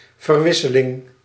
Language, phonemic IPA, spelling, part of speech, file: Dutch, /vərˈʋɪ.sə.lɪŋ/, verwisseling, noun, Nl-verwisseling.ogg
- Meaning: exchange, swapping, replacement